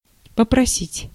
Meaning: to ask for, to request
- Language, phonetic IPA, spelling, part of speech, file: Russian, [pəprɐˈsʲitʲ], попросить, verb, Ru-попросить.ogg